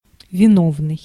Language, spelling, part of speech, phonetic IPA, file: Russian, виновный, adjective / noun, [vʲɪˈnovnɨj], Ru-виновный.ogg
- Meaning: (adjective) culpable, guilty; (noun) culprit